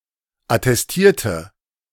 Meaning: inflection of attestieren: 1. first/third-person singular preterite 2. first/third-person singular subjunctive II
- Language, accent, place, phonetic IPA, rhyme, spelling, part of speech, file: German, Germany, Berlin, [atɛsˈtiːɐ̯tə], -iːɐ̯tə, attestierte, adjective / verb, De-attestierte.ogg